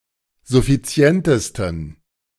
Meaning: 1. superlative degree of suffizient 2. inflection of suffizient: strong genitive masculine/neuter singular superlative degree
- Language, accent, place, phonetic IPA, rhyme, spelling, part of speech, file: German, Germany, Berlin, [zʊfiˈt͡si̯ɛntəstn̩], -ɛntəstn̩, suffizientesten, adjective, De-suffizientesten.ogg